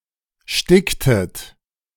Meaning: inflection of sticken: 1. second-person plural preterite 2. second-person plural subjunctive II
- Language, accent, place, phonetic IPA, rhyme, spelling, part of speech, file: German, Germany, Berlin, [ˈʃtɪktət], -ɪktət, sticktet, verb, De-sticktet.ogg